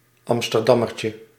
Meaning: 1. a traffic bollard 2. rondo; a round pastry filled with almond paste
- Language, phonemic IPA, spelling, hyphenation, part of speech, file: Dutch, /ˌɑm.stərˈdɑ.mər.tjə/, amsterdammertje, am‧ster‧dam‧mer‧tje, noun, Nl-amsterdammertje.ogg